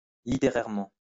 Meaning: literarily (with respect to literature)
- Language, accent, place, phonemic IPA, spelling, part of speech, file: French, France, Lyon, /li.te.ʁɛʁ.mɑ̃/, littérairement, adverb, LL-Q150 (fra)-littérairement.wav